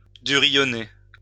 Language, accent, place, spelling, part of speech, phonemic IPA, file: French, France, Lyon, durillonner, verb, /dy.ʁi.jɔ.ne/, LL-Q150 (fra)-durillonner.wav
- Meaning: 1. "to become hard" 2. "to grow callous"